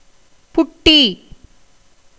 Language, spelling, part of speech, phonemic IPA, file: Tamil, புட்டி, noun, /pʊʈːiː/, Ta-புட்டி.ogg
- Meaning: bottle